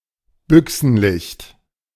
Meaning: hunting light (light that is sufficient for hunting)
- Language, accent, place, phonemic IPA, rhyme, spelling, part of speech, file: German, Germany, Berlin, /ˈbʏksn̩ˌlɪçt/, -ɪçt, Büchsenlicht, noun, De-Büchsenlicht.ogg